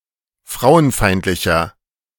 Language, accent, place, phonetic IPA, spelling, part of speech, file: German, Germany, Berlin, [ˈfʁaʊ̯ənˌfaɪ̯ntlɪçɐ], frauenfeindlicher, adjective, De-frauenfeindlicher.ogg
- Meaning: 1. comparative degree of frauenfeindlich 2. inflection of frauenfeindlich: strong/mixed nominative masculine singular 3. inflection of frauenfeindlich: strong genitive/dative feminine singular